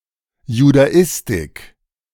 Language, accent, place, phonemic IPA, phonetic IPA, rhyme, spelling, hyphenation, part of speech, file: German, Germany, Berlin, /judaˈɪstɪk/, [judaˈɪstɪkʰ], -ɪstɪk, Judaistik, Ju‧da‧is‧tik, noun, De-Judaistik.ogg
- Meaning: Jewish studies (academic study of Jewish cultures)